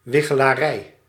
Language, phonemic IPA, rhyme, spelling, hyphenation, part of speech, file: Dutch, /ˌʋɪ.xə.laːˈrɛi̯/, -ɛi̯, wichelarij, wi‧che‧la‧rij, noun, Nl-wichelarij.ogg
- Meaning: divination